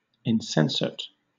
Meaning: 1. Having no sensation or consciousness; unconscious; inanimate 2. Senseless; foolish; irrational; thoughtless 3. Unfeeling, heartless, cruel, insensitive
- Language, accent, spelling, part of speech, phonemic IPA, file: English, Southern England, insensate, adjective, /ɪnˈsɛn.sət/, LL-Q1860 (eng)-insensate.wav